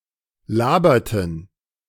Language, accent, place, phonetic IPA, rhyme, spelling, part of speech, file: German, Germany, Berlin, [ˈlaːbɐtn̩], -aːbɐtn̩, laberten, verb, De-laberten.ogg
- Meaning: inflection of labern: 1. first/third-person plural preterite 2. first/third-person plural subjunctive II